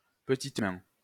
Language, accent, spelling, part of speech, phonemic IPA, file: French, France, petite main, noun, /pə.tit mɛ̃/, LL-Q150 (fra)-petite main.wav
- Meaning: 1. trainee seamstress, assistant seamstress, low-rank seamstress 2. low-paid worker, worker employed to do menial jobs, dogsbody